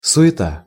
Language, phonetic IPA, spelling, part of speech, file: Russian, [sʊ(j)ɪˈta], суета, noun, Ru-суета.ogg
- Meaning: 1. bustle, fuss, razzle-dazzle 2. vanity